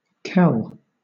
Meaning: 1. The caul (membrane) 2. That which covers or envelops, like a caul; a net; a fold; a film 3. The cocoon or chrysalis of an insect 4. A kiln 5. Alternative spelling of kale (“broth”)
- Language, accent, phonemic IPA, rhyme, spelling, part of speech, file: English, Southern England, /kɛl/, -ɛl, kell, noun, LL-Q1860 (eng)-kell.wav